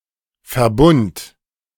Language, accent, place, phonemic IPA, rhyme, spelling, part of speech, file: German, Germany, Berlin, /fɛɐ̯ˈbʊnt/, -ʊnt, Verbund, noun, De-Verbund.ogg
- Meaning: 1. compound 2. bond, join 3. combination 4. alliance, group, network 5. composite data structure, struct